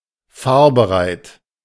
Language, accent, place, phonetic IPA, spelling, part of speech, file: German, Germany, Berlin, [ˈfaːɐ̯bəˌʁaɪ̯t], fahrbereit, adjective, De-fahrbereit.ogg
- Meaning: ready to drive or take off